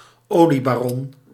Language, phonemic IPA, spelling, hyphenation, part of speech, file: Dutch, /ˈoː.li.baːˌrɔn/, oliebaron, olie‧ba‧ron, noun, Nl-oliebaron.ogg
- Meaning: oil baron